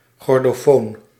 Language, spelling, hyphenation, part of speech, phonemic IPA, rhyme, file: Dutch, chordofoon, chor‧do‧foon, noun, /ˌxɔr.doːˈfoːn/, -oːn, Nl-chordofoon.ogg
- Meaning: chordophone